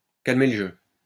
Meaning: to defuse the situation, to calm things down, to pour oil on troubled waters
- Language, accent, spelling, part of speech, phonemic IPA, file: French, France, calmer le jeu, verb, /kal.me l(ə) ʒø/, LL-Q150 (fra)-calmer le jeu.wav